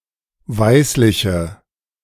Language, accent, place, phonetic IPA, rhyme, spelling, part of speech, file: German, Germany, Berlin, [ˈvaɪ̯slɪçə], -aɪ̯slɪçə, weißliche, adjective, De-weißliche.ogg
- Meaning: inflection of weißlich: 1. strong/mixed nominative/accusative feminine singular 2. strong nominative/accusative plural 3. weak nominative all-gender singular